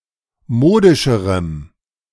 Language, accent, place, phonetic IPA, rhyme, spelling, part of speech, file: German, Germany, Berlin, [ˈmoːdɪʃəʁəm], -oːdɪʃəʁəm, modischerem, adjective, De-modischerem.ogg
- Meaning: strong dative masculine/neuter singular comparative degree of modisch